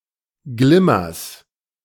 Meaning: genitive singular of Glimmer
- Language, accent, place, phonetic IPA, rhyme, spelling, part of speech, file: German, Germany, Berlin, [ˈɡlɪmɐs], -ɪmɐs, Glimmers, noun, De-Glimmers.ogg